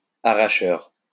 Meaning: 1. an agricultural labourer who harvests potatoes, beets etc 2. bag snatcher
- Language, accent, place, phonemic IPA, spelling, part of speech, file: French, France, Lyon, /a.ʁa.ʃœʁ/, arracheur, noun, LL-Q150 (fra)-arracheur.wav